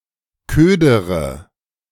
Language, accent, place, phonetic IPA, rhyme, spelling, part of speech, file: German, Germany, Berlin, [ˈkøːdəʁə], -øːdəʁə, ködere, verb, De-ködere.ogg
- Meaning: inflection of ködern: 1. first-person singular present 2. first/third-person singular subjunctive I 3. singular imperative